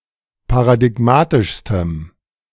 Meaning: strong dative masculine/neuter singular superlative degree of paradigmatisch
- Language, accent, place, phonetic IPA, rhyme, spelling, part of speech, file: German, Germany, Berlin, [paʁadɪˈɡmaːtɪʃstəm], -aːtɪʃstəm, paradigmatischstem, adjective, De-paradigmatischstem.ogg